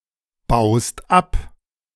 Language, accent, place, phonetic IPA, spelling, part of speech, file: German, Germany, Berlin, [ˌbaʊ̯st ˈap], baust ab, verb, De-baust ab.ogg
- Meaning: second-person singular present of abbauen